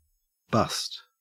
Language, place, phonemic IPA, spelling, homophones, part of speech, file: English, Queensland, /bɐst/, bust, bussed / bused, verb / noun / adjective, En-au-bust.ogg
- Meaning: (verb) 1. To break 2. To arrest (someone or a group of people) for a crime